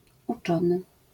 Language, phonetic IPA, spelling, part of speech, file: Polish, [uˈt͡ʃɔ̃nɨ], uczony, noun / adjective / verb, LL-Q809 (pol)-uczony.wav